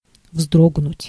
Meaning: to start, to startle, to flinch, to wince
- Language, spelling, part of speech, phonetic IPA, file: Russian, вздрогнуть, verb, [ˈvzdroɡnʊtʲ], Ru-вздрогнуть.ogg